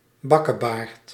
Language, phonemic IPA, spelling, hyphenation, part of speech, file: Dutch, /ˈbɑ.kəˌbaːrt/, bakkebaard, bak‧ke‧baard, noun, Nl-bakkebaard.ogg
- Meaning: sideburn